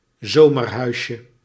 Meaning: diminutive of zomerhuis
- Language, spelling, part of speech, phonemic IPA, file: Dutch, zomerhuisje, noun, /ˈzomərˌhœyʃə/, Nl-zomerhuisje.ogg